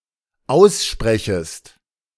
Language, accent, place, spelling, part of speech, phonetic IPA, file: German, Germany, Berlin, aussprechest, verb, [ˈaʊ̯sˌʃpʁɛçəst], De-aussprechest.ogg
- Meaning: second-person singular dependent subjunctive I of aussprechen